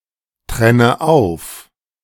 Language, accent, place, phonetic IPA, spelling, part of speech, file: German, Germany, Berlin, [ˌtʁɛnə ˈaʊ̯f], trenne auf, verb, De-trenne auf.ogg
- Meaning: inflection of auftrennen: 1. first-person singular present 2. first/third-person singular subjunctive I 3. singular imperative